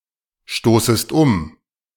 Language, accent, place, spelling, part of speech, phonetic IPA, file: German, Germany, Berlin, stoßest um, verb, [ˌʃtoːsəst ˈʊm], De-stoßest um.ogg
- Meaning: second-person singular subjunctive I of umstoßen